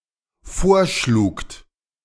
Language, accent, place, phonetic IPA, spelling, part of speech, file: German, Germany, Berlin, [ˈfoːɐ̯ˌʃluːkt], vorschlugt, verb, De-vorschlugt.ogg
- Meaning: second-person plural dependent preterite of vorschlagen